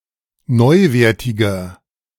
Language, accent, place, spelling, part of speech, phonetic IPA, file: German, Germany, Berlin, neuwertiger, adjective, [ˈnɔɪ̯ˌveːɐ̯tɪɡɐ], De-neuwertiger.ogg
- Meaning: 1. comparative degree of neuwertig 2. inflection of neuwertig: strong/mixed nominative masculine singular 3. inflection of neuwertig: strong genitive/dative feminine singular